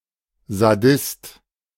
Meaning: sadist
- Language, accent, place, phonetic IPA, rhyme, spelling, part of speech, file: German, Germany, Berlin, [zaˈdɪst], -ɪst, Sadist, noun, De-Sadist.ogg